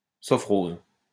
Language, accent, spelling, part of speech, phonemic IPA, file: French, France, sovkhoze, noun, /sɔv.koz/, LL-Q150 (fra)-sovkhoze.wav
- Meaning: sovkhoz, state farm in Soviet Russia